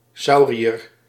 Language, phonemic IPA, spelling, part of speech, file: Dutch, /ˈsɑu̯.ri.ər/, sauriër, noun, Nl-sauriër.ogg
- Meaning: saurian, reptile of the Sauria